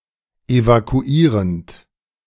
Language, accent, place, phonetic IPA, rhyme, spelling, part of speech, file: German, Germany, Berlin, [evakuˈiːʁənt], -iːʁənt, evakuierend, verb, De-evakuierend.ogg
- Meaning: present participle of evakuieren